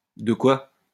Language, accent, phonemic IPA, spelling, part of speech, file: French, France, /də kwa/, de quoi, pronoun / interjection, LL-Q150 (fra)-de quoi.wav
- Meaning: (pronoun) 1. What is necessary to 2. something; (interjection) what was that